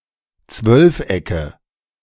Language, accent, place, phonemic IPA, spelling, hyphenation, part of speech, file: German, Germany, Berlin, /ˈt͡svœlfˌ.ɛkə/, Zwölfecke, Zwölf‧ecke, noun, De-Zwölfecke.ogg
- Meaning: nominative/accusative/genitive plural of Zwölfeck